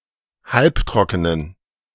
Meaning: inflection of halbtrocken: 1. strong genitive masculine/neuter singular 2. weak/mixed genitive/dative all-gender singular 3. strong/weak/mixed accusative masculine singular 4. strong dative plural
- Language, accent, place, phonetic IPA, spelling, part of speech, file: German, Germany, Berlin, [ˈhalpˌtʁɔkənən], halbtrockenen, adjective, De-halbtrockenen.ogg